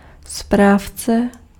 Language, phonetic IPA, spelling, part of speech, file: Czech, [ˈspraːft͡sɛ], správce, noun, Cs-správce.ogg
- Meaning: 1. administrator 2. manager (e.g. of an apartment building) 3. manager (software program for configuring a database, etc.)